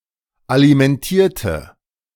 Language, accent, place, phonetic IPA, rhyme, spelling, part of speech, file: German, Germany, Berlin, [alimɛnˈtiːɐ̯tə], -iːɐ̯tə, alimentierte, adjective / verb, De-alimentierte.ogg
- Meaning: inflection of alimentieren: 1. first/third-person singular preterite 2. first/third-person singular subjunctive II